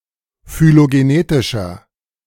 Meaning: inflection of phylogenetisch: 1. strong/mixed nominative masculine singular 2. strong genitive/dative feminine singular 3. strong genitive plural
- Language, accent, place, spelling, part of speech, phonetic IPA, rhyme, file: German, Germany, Berlin, phylogenetischer, adjective, [fyloɡeˈneːtɪʃɐ], -eːtɪʃɐ, De-phylogenetischer.ogg